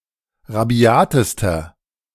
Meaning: inflection of rabiat: 1. strong/mixed nominative masculine singular superlative degree 2. strong genitive/dative feminine singular superlative degree 3. strong genitive plural superlative degree
- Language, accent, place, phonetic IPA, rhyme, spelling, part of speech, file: German, Germany, Berlin, [ʁaˈbi̯aːtəstɐ], -aːtəstɐ, rabiatester, adjective, De-rabiatester.ogg